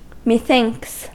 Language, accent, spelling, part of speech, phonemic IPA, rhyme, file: English, US, methinks, contraction, /miˈθɪŋks/, -ɪŋks, En-us-methinks.ogg
- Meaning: It seems to me